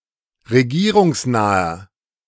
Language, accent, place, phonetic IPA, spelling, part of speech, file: German, Germany, Berlin, [ʁeˈɡiːʁʊŋsˌnaːɐ], regierungsnaher, adjective, De-regierungsnaher.ogg
- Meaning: inflection of regierungsnah: 1. strong/mixed nominative masculine singular 2. strong genitive/dative feminine singular 3. strong genitive plural